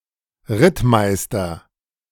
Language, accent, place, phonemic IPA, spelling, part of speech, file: German, Germany, Berlin, /ˈʁɪtˌmaɪ̯stɐ/, Rittmeister, noun, De-Rittmeister.ogg
- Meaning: A cavalry officer